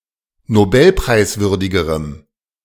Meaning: strong dative masculine/neuter singular comparative degree of nobelpreiswürdig
- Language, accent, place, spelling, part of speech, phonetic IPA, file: German, Germany, Berlin, nobelpreiswürdigerem, adjective, [noˈbɛlpʁaɪ̯sˌvʏʁdɪɡəʁəm], De-nobelpreiswürdigerem.ogg